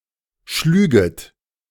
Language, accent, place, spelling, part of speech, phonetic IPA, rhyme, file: German, Germany, Berlin, schlüget, verb, [ˈʃlyːɡət], -yːɡət, De-schlüget.ogg
- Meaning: second-person plural subjunctive II of schlagen